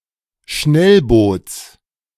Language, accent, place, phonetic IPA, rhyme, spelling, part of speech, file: German, Germany, Berlin, [ˈʃnɛlˌboːt͡s], -ɛlboːt͡s, Schnellboots, noun, De-Schnellboots.ogg
- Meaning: genitive of Schnellboot